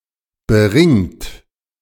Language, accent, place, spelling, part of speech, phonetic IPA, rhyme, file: German, Germany, Berlin, beringt, adjective / verb, [bəˈʁɪŋt], -ɪŋt, De-beringt.ogg
- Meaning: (verb) past participle of beringen; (adjective) ringed, beringed